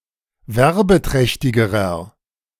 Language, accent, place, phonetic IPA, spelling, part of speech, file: German, Germany, Berlin, [ˈvɛʁbəˌtʁɛçtɪɡəʁɐ], werbeträchtigerer, adjective, De-werbeträchtigerer.ogg
- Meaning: inflection of werbeträchtig: 1. strong/mixed nominative masculine singular comparative degree 2. strong genitive/dative feminine singular comparative degree